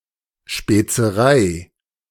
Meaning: 1. spices from overseas 2. delicacy
- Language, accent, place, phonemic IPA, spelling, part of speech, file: German, Germany, Berlin, /ʃpeːt͡səˈʁaɪ̯/, Spezerei, noun, De-Spezerei.ogg